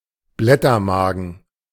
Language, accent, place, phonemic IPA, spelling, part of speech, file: German, Germany, Berlin, /ˈblɛtɐˌmaːɡən/, Blättermagen, noun, De-Blättermagen.ogg
- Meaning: omasum, the third compartment of the stomach of a ruminant